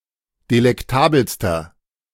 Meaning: inflection of delektabel: 1. strong/mixed nominative masculine singular superlative degree 2. strong genitive/dative feminine singular superlative degree 3. strong genitive plural superlative degree
- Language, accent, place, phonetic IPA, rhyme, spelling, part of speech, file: German, Germany, Berlin, [delɛkˈtaːbl̩stɐ], -aːbl̩stɐ, delektabelster, adjective, De-delektabelster.ogg